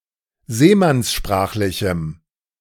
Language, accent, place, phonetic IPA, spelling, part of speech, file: German, Germany, Berlin, [ˈzeːmansˌʃpʁaːxlɪçm̩], seemannssprachlichem, adjective, De-seemannssprachlichem.ogg
- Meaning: strong dative masculine/neuter singular of seemannssprachlich